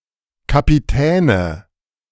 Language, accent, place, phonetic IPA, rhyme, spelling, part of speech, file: German, Germany, Berlin, [kapiˈtɛːnə], -ɛːnə, Kapitäne, noun, De-Kapitäne.ogg
- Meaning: 1. nominative/accusative/genitive plural of Kapitän 2. dative singular of Kapitän